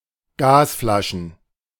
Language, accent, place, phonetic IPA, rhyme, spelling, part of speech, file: German, Germany, Berlin, [ˈɡaːsˌflaʃn̩], -aːsflaʃn̩, Gasflaschen, noun, De-Gasflaschen.ogg
- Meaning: plural of Gasflasche